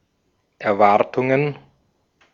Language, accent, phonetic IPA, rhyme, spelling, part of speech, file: German, Austria, [ɛɐ̯ˈvaʁtʊŋən], -aʁtʊŋən, Erwartungen, noun, De-at-Erwartungen.ogg
- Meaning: plural of Erwartung